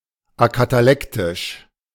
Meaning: acatalectic
- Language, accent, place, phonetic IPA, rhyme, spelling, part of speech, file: German, Germany, Berlin, [akataˈlɛktɪʃ], -ɛktɪʃ, akatalektisch, adjective, De-akatalektisch.ogg